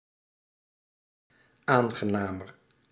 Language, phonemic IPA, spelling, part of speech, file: Dutch, /ˈaŋɣəˌnamər/, aangenamer, adjective, Nl-aangenamer.ogg
- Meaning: comparative degree of aangenaam